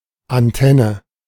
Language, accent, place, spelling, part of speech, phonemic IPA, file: German, Germany, Berlin, Antenne, noun, /anˈtɛnə/, De-Antenne.ogg
- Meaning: antenna